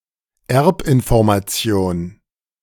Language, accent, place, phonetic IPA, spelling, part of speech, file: German, Germany, Berlin, [ˈɛʁpʔɪnfɔʁmaˌt͡si̯oːn], Erbinformation, noun, De-Erbinformation.ogg
- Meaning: genetic information